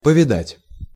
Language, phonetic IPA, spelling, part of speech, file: Russian, [pəvʲɪˈdatʲ], повидать, verb, Ru-повидать.ogg
- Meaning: 1. to see, to get to see 2. to visit